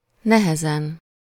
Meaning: hard, difficult
- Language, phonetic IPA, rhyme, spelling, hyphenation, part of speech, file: Hungarian, [ˈnɛhɛzɛn], -ɛn, nehezen, ne‧he‧zen, adverb, Hu-nehezen.ogg